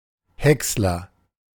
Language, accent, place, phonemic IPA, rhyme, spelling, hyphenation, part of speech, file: German, Germany, Berlin, /ˈhɛkslɐ/, -ɛkslɐ, Häcksler, Häcks‧ler, noun, De-Häcksler.ogg
- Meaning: chipper, shredder